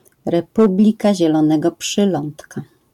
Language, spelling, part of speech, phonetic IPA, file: Polish, Republika Zielonego Przylądka, proper noun, [rɛˈpublʲika ˌʑɛlɔ̃ˈnɛɡɔ pʃɨˈlɔ̃ntka], LL-Q809 (pol)-Republika Zielonego Przylądka.wav